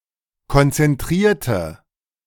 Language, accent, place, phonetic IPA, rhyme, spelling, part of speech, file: German, Germany, Berlin, [kɔnt͡sɛnˈtʁiːɐ̯tə], -iːɐ̯tə, konzentrierte, adjective / verb, De-konzentrierte.ogg
- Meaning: inflection of konzentrieren: 1. first/third-person singular preterite 2. first/third-person singular subjunctive II